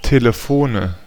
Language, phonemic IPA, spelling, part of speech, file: German, /ˈteːləˈfoːnə/, Telefone, noun, De-Telefone.ogg
- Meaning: nominative/accusative/genitive plural of Telefon